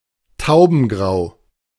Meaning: dove grey
- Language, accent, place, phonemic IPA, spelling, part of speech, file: German, Germany, Berlin, /ˈtaʊ̯bn̩ˌɡʁaʊ̯/, taubengrau, adjective, De-taubengrau.ogg